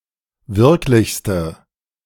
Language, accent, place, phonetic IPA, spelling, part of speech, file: German, Germany, Berlin, [ˈvɪʁklɪçstə], wirklichste, adjective, De-wirklichste.ogg
- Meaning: inflection of wirklich: 1. strong/mixed nominative/accusative feminine singular superlative degree 2. strong nominative/accusative plural superlative degree